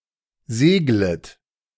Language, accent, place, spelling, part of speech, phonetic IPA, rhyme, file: German, Germany, Berlin, seglet, verb, [ˈzeːɡlət], -eːɡlət, De-seglet.ogg
- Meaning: second-person plural subjunctive I of segeln